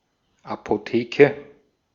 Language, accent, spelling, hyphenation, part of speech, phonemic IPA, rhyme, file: German, Austria, Apotheke, Apo‧the‧ke, noun, /apoˈteːkə/, -eːkə, De-at-Apotheke.ogg
- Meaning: 1. pharmacy 2. a store whose products are expensive (see Apothekerpreis)